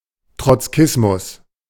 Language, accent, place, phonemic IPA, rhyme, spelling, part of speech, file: German, Germany, Berlin, /tʁɔt͡sˈkɪsmʊs/, -ɪsmʊs, Trotzkismus, noun, De-Trotzkismus.ogg
- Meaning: Trotskyism